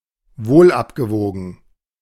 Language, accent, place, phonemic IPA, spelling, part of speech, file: German, Germany, Berlin, /ˈvoːlʔapɡəˌvoːɡn̩/, wohlabgewogen, adjective, De-wohlabgewogen.ogg
- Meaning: considered, well-thought-out